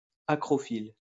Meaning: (adjective) acrophilic; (noun) acrophile
- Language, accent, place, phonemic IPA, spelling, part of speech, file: French, France, Lyon, /a.kʁɔ.fil/, acrophile, adjective / noun, LL-Q150 (fra)-acrophile.wav